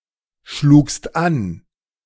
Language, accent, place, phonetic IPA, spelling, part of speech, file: German, Germany, Berlin, [ˌʃluːkst ˈan], schlugst an, verb, De-schlugst an.ogg
- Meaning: second-person singular preterite of anschlagen